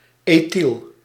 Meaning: ethyl
- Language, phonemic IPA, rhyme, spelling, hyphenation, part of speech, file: Dutch, /eːˈtil/, -il, ethyl, ethyl, noun, Nl-ethyl.ogg